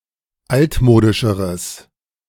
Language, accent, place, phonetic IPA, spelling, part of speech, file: German, Germany, Berlin, [ˈaltˌmoːdɪʃəʁəs], altmodischeres, adjective, De-altmodischeres.ogg
- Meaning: strong/mixed nominative/accusative neuter singular comparative degree of altmodisch